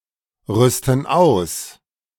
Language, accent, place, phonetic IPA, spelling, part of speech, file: German, Germany, Berlin, [ˌʁʏstn̩ ˈaʊ̯s], rüsten aus, verb, De-rüsten aus.ogg
- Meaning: inflection of ausrüsten: 1. first/third-person plural present 2. first/third-person plural subjunctive I